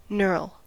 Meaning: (noun) 1. A contorted knot in wood 2. A crossgrained protuberance; a nodule; a boss or projection 3. A lined or crossgrained pattern of ridges or indentations rolled or pressed into a part for grip
- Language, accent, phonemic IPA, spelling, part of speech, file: English, US, /nɝl/, knurl, noun / verb, En-us-knurl.ogg